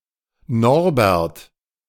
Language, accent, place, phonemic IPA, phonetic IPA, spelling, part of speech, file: German, Germany, Berlin, /ˈnɔʁbɛʁt/, [ˈnɔɐ̯bɛɐ̯t], Norbert, proper noun, De-Norbert.ogg
- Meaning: a male given name, equivalent to English Norbert